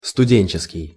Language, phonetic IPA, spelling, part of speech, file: Russian, [stʊˈdʲenʲt͡ɕɪskʲɪj], студенческий, adjective, Ru-студенческий.ogg
- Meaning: student